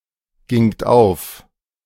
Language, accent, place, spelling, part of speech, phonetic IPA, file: German, Germany, Berlin, gingt auf, verb, [ˌɡɪŋt ˈaʊ̯f], De-gingt auf.ogg
- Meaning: second-person plural preterite of aufgehen